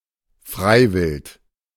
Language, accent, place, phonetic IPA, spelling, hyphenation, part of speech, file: German, Germany, Berlin, [ˈfʁaɪ̯vɪlt], Freiwild, Frei‧wild, noun, De-Freiwild.ogg
- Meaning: 1. unprotected game 2. fair game